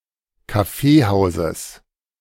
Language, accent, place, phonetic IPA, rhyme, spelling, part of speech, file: German, Germany, Berlin, [kaˈfeːˌhaʊ̯zəs], -eːhaʊ̯zəs, Kaffeehauses, noun, De-Kaffeehauses.ogg
- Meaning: genitive singular of Kaffeehaus